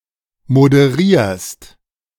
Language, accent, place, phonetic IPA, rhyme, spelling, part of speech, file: German, Germany, Berlin, [modəˈʁiːɐ̯st], -iːɐ̯st, moderierst, verb, De-moderierst.ogg
- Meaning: second-person singular present of moderieren